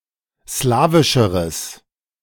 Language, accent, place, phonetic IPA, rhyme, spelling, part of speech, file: German, Germany, Berlin, [ˈslaːvɪʃəʁəs], -aːvɪʃəʁəs, slawischeres, adjective, De-slawischeres.ogg
- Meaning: strong/mixed nominative/accusative neuter singular comparative degree of slawisch